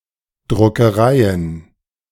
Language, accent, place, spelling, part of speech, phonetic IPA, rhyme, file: German, Germany, Berlin, Druckereien, noun, [dʁʊkəˈʁaɪ̯ən], -aɪ̯ən, De-Druckereien.ogg
- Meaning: plural of Druckerei